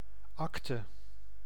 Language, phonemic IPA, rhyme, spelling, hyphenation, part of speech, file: Dutch, /ˈɑk.tə/, -ɑktə, acte, ac‧te, noun, Nl-acte.ogg
- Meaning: superseded spelling of akte